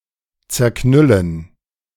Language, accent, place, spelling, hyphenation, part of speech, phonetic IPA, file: German, Germany, Berlin, zerknüllen, zer‧knül‧len, verb, [t͡sɛɐ̯ˈknʏlən], De-zerknüllen.ogg
- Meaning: to crumple up